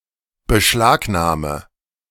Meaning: inflection of beschlagnahmen: 1. first-person singular present 2. first/third-person singular subjunctive I 3. singular imperative
- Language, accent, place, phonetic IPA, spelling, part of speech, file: German, Germany, Berlin, [bəˈʃlaːkˌnaːmə], beschlagnahme, verb, De-beschlagnahme.ogg